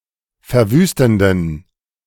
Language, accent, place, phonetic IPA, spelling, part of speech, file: German, Germany, Berlin, [fɛɐ̯ˈvyːstn̩dən], verwüstenden, adjective, De-verwüstenden.ogg
- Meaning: inflection of verwüstend: 1. strong genitive masculine/neuter singular 2. weak/mixed genitive/dative all-gender singular 3. strong/weak/mixed accusative masculine singular 4. strong dative plural